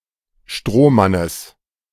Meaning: genitive singular of Strohmann
- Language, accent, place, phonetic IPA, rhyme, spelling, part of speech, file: German, Germany, Berlin, [ˈʃtʁoːˌmanəs], -oːmanəs, Strohmannes, noun, De-Strohmannes.ogg